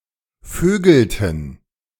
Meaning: inflection of vögeln: 1. first/third-person plural preterite 2. first/third-person plural subjunctive II
- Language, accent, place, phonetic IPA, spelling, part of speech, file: German, Germany, Berlin, [ˈføːɡl̩tn̩], vögelten, verb, De-vögelten.ogg